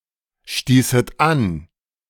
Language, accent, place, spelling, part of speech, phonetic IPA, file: German, Germany, Berlin, stießet an, verb, [ˌʃtiːsət ˈan], De-stießet an.ogg
- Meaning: second-person plural subjunctive II of anstoßen